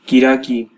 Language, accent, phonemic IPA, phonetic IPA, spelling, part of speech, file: Armenian, Eastern Armenian, /kiɾɑˈki/, [kiɾɑkí], կիրակի, noun, Hy-EA-կիրակի.ogg
- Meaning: Sunday